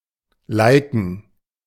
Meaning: to like
- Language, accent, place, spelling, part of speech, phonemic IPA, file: German, Germany, Berlin, liken, verb, /ˈlaɪ̯kn̩/, De-liken.ogg